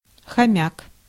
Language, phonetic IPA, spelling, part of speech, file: Russian, [xɐˈmʲak], хомяк, noun, Ru-хомяк.ogg
- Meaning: 1. hamster (small, short-tailed European rodent) 2. rat 3. sluggish person 4. homepage 5. home directory 6. fanboy, lemming, narrow-minded follower (usually of a blogger or a virtual community)